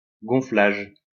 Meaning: 1. inflating, inflation 2. enlarging, blowing up
- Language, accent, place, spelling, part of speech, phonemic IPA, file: French, France, Lyon, gonflage, noun, /ɡɔ̃.flaʒ/, LL-Q150 (fra)-gonflage.wav